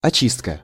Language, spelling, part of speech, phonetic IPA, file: Russian, очистка, noun, [ɐˈt͡ɕistkə], Ru-очистка.ogg
- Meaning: 1. cleaning, purification, clearing, refinement 2. peeling 3. mopping-up 4. clearance